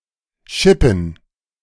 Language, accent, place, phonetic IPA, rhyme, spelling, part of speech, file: German, Germany, Berlin, [ˈʃɪpn̩], -ɪpn̩, Schippen, noun, De-Schippen.ogg
- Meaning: plural of Schippe